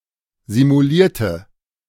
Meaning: inflection of simuliert: 1. strong/mixed nominative/accusative feminine singular 2. strong nominative/accusative plural 3. weak nominative all-gender singular
- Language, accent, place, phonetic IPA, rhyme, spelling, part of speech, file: German, Germany, Berlin, [zimuˈliːɐ̯tə], -iːɐ̯tə, simulierte, adjective / verb, De-simulierte.ogg